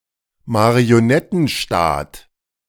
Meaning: puppet state
- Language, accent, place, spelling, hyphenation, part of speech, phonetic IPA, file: German, Germany, Berlin, Marionettenstaat, Ma‧ri‧o‧net‧ten‧staat, noun, [maʁioˈnɛtn̩ˌʃtaːt], De-Marionettenstaat.ogg